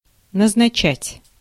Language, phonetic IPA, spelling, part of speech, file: Russian, [nəznɐˈt͡ɕætʲ], назначать, verb, Ru-назначать.ogg
- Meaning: 1. to appoint, to designate, to nominate 2. to fix, to settle, to set, to assign 3. to prescribe, to destine